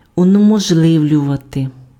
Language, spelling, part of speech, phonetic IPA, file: Ukrainian, унеможливлювати, verb, [ʊnemɔʒˈɫɪu̯lʲʊʋɐte], Uk-унеможливлювати.ogg
- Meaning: to make impossible, to render impossible, to prevent